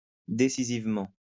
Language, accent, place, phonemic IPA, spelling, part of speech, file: French, France, Lyon, /de.si.ziv.mɑ̃/, décisivement, adverb, LL-Q150 (fra)-décisivement.wav
- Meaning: decisively